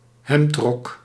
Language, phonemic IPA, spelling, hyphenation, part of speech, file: Dutch, /ˈɦɛmt.rɔk/, hemdrok, hemd‧rok, noun, Nl-hemdrok.ogg
- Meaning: a type of long shirt covering the entire torso down to the thighs